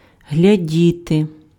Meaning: 1. to watch, to look at 2. to look for 3. to look like, to appear 4. to care for, to look after 5. to oversee 6. to protect, to save 7. to check or examine by touching
- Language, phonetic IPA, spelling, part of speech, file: Ukrainian, [ɦlʲɐˈdʲite], глядіти, verb, Uk-глядіти.ogg